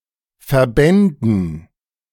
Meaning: dative plural of Verband
- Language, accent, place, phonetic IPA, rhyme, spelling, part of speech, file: German, Germany, Berlin, [fɛɐ̯ˈbɛndn̩], -ɛndn̩, Verbänden, noun, De-Verbänden.ogg